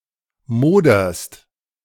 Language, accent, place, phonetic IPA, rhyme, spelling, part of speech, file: German, Germany, Berlin, [ˈmoːdɐst], -oːdɐst, moderst, verb, De-moderst.ogg
- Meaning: second-person singular present of modern